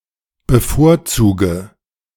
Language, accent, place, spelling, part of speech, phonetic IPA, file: German, Germany, Berlin, bevorzuge, verb, [bəˈfoːɐ̯ˌt͡suːɡə], De-bevorzuge.ogg
- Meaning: inflection of bevorzugen: 1. first-person singular present 2. first/third-person singular subjunctive I 3. singular imperative